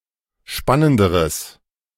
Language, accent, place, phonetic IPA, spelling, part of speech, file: German, Germany, Berlin, [ˈʃpanəndəʁəs], spannenderes, adjective, De-spannenderes.ogg
- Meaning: strong/mixed nominative/accusative neuter singular comparative degree of spannend